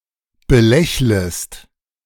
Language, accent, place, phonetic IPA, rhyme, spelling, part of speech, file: German, Germany, Berlin, [bəˈlɛçləst], -ɛçləst, belächlest, verb, De-belächlest.ogg
- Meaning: second-person singular subjunctive I of belächeln